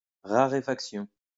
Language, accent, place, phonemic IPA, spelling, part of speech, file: French, France, Lyon, /ʁa.ʁe.fak.sjɔ̃/, raréfaction, noun, LL-Q150 (fra)-raréfaction.wav
- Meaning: 1. act of becoming more rare 2. rarefaction (reduction in the density of a material)